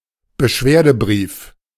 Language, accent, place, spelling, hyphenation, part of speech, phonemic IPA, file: German, Germany, Berlin, Beschwerdebrief, Be‧schwer‧de‧brief, noun, /bəˈʃveːɐ̯dəˌbʁiːf/, De-Beschwerdebrief.ogg
- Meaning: complaint letter